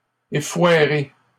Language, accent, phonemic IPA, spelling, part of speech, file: French, Canada, /e.fwa.ʁe/, effoiré, verb, LL-Q150 (fra)-effoiré.wav
- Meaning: past participle of effoirer